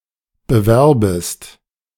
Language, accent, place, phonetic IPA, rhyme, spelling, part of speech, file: German, Germany, Berlin, [bəˈvɛʁbəst], -ɛʁbəst, bewerbest, verb, De-bewerbest.ogg
- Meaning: second-person singular subjunctive I of bewerben